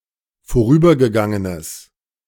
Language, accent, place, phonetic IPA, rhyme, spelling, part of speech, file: German, Germany, Berlin, [foˈʁyːbɐɡəˌɡaŋənəs], -yːbɐɡəɡaŋənəs, vorübergegangenes, adjective, De-vorübergegangenes.ogg
- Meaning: strong/mixed nominative/accusative neuter singular of vorübergegangen